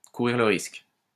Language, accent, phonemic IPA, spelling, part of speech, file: French, France, /ku.ʁiʁ lə ʁisk/, courir le risque, verb, LL-Q150 (fra)-courir le risque.wav
- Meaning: to run the risk